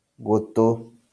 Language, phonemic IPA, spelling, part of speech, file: Kikuyu, /ɣotòꜜ/, gũtũ, noun, LL-Q33587 (kik)-gũtũ.wav
- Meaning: ear